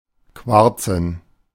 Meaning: to smoke cigarettes
- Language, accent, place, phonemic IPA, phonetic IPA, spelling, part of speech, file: German, Germany, Berlin, /ˈkvaʁtsən/, [ˈkʰvaɐ̯tsn̩], quarzen, verb, De-quarzen.ogg